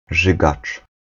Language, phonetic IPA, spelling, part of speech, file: Polish, [ˈʒɨɡat͡ʃ], rzygacz, noun, Pl-rzygacz.ogg